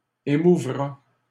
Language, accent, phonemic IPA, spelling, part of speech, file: French, Canada, /e.mu.vʁa/, émouvra, verb, LL-Q150 (fra)-émouvra.wav
- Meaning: third-person singular future of émouvoir